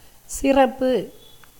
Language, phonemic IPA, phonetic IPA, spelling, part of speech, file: Tamil, /tʃɪrɐpːɯ/, [sɪrɐpːɯ], சிறப்பு, noun, Ta-சிறப்பு.ogg
- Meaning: 1. excellence 2. pre-eminence, superiority 3. pomp, grandeur 4. abundance, plenty 5. wealth, prosperity 6. happiness 7. honors, privileges 8. regard, esteem 9. courtesy, hospitality 10. present, gift